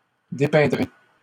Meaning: second-person plural simple future of dépeindre
- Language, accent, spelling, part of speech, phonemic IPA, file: French, Canada, dépeindrez, verb, /de.pɛ̃.dʁe/, LL-Q150 (fra)-dépeindrez.wav